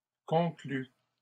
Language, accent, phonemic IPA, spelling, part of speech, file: French, Canada, /kɔ̃.kly/, conclut, verb, LL-Q150 (fra)-conclut.wav
- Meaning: inflection of conclure: 1. third-person singular present indicative 2. third-person singular past historic